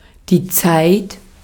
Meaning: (noun) 1. time (as a concept) 2. time of day (clipping of Uhrzeit) 3. period, era (time in the past) 4. stint (e.g. in the army) 5. tense; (proper noun) a surname
- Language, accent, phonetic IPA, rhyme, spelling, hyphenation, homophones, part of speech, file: German, Austria, [t͡saɪ̯t], -aɪ̯t, Zeit, Zeit, zeit, noun / proper noun, De-at-Zeit.ogg